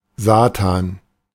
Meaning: 1. Satan, the Devil 2. a satan, a devil
- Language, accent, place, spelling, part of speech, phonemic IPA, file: German, Germany, Berlin, Satan, noun, /ˈzaːtan/, De-Satan.ogg